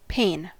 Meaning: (noun) An individual sheet of glass or other transparent material in a window, door, etc
- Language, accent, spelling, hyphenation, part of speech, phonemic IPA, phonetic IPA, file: English, US, pane, pane, noun / verb, /ˈpeɪ̯n/, [ˈpʰeɪ̯n], En-us-pane.ogg